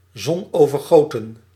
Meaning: very sunny, sun-drenched
- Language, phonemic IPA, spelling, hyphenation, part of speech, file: Dutch, /ˈzɔnoːvərˌɣoːtə(n)/, zonovergoten, zon‧over‧go‧ten, adjective, Nl-zonovergoten.ogg